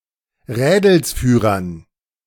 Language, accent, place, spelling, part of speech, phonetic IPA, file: German, Germany, Berlin, Rädelsführern, noun, [ˈʁɛːdl̩sfyːʁɐn], De-Rädelsführern.ogg
- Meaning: dative plural of Rädelsführer